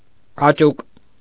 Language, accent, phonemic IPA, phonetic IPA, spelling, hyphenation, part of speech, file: Armenian, Eastern Armenian, /ɑˈt͡ʃuk/, [ɑt͡ʃúk], աճուկ, ա‧ճուկ, noun, Hy-աճուկ.ogg
- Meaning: 1. groin (the fold or depression on either side of the body between the abdomen and the upper thigh) 2. pubis 3. pelvis 4. thigh